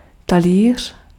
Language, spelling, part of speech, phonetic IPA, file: Czech, talíř, noun, [ˈtaliːr̝̊], Cs-talíř.ogg
- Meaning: 1. plate (a serving dish) 2. a thousand crowns (thousand units of Czech currency)